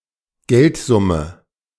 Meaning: sum of money
- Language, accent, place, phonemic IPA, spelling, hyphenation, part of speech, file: German, Germany, Berlin, /ˈɡɛltzʊmə/, Geldsumme, Geld‧sum‧me, noun, De-Geldsumme.ogg